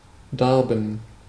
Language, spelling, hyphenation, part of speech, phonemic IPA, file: German, darben, dar‧ben, verb, /ˈdaʁbn̩/, De-darben.ogg
- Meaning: to lack, to have a need (particularly in terms of food: to starve)